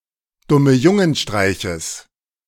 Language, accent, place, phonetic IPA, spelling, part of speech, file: German, Germany, Berlin, [ˌdʊməˈjʊŋənˌʃtʁaɪ̯çəs], Dummejungenstreiches, noun, De-Dummejungenstreiches.ogg
- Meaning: genitive singular of Dummejungenstreich